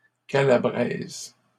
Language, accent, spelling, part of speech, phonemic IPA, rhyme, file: French, Canada, calabraise, adjective / noun, /ka.la.bʁɛz/, -ɛz, LL-Q150 (fra)-calabraise.wav
- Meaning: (adjective) feminine singular of calabrais; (noun) Calabrian woman